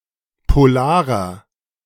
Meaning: inflection of polar: 1. strong/mixed nominative masculine singular 2. strong genitive/dative feminine singular 3. strong genitive plural
- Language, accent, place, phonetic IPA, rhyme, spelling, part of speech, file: German, Germany, Berlin, [poˈlaːʁɐ], -aːʁɐ, polarer, adjective, De-polarer.ogg